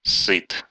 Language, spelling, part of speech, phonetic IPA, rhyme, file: Russian, ссыт, verb, [sːɨt], -ɨt, Ru-ссыт.ogg
- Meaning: third-person singular present indicative imperfective of ссать (ssatʹ)